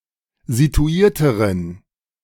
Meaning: inflection of situiert: 1. strong genitive masculine/neuter singular comparative degree 2. weak/mixed genitive/dative all-gender singular comparative degree
- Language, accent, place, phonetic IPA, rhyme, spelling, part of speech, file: German, Germany, Berlin, [zituˈiːɐ̯təʁən], -iːɐ̯təʁən, situierteren, adjective, De-situierteren.ogg